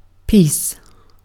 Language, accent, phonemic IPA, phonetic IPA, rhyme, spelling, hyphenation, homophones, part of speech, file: English, Received Pronunciation, /ˈpiːs/, [ˈpʰɪi̯s], -iːs, peace, peace, piece, noun / interjection / verb, En-uk-peace.ogg
- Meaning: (noun) 1. A state of tranquility, quiet, and harmony. For instance, a state free from civil disturbance 2. A feeling of tranquility, free from oppressive and unpleasant thoughts and emotions 3. Death